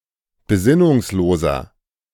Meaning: inflection of besinnungslos: 1. strong/mixed nominative masculine singular 2. strong genitive/dative feminine singular 3. strong genitive plural
- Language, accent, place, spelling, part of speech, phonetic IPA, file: German, Germany, Berlin, besinnungsloser, adjective, [beˈzɪnʊŋsˌloːzɐ], De-besinnungsloser.ogg